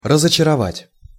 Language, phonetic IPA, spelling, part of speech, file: Russian, [rəzət͡ɕɪrɐˈvatʲ], разочаровать, verb, Ru-разочаровать.ogg
- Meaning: to disappoint, to underwhelm, to disillusion, to disenchant